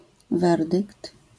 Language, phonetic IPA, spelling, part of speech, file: Polish, [ˈvɛrdɨkt], werdykt, noun, LL-Q809 (pol)-werdykt.wav